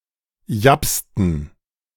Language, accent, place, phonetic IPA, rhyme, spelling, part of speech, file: German, Germany, Berlin, [ˈjapstn̩], -apstn̩, japsten, verb, De-japsten.ogg
- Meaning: inflection of japsen: 1. first/third-person plural preterite 2. first/third-person plural subjunctive II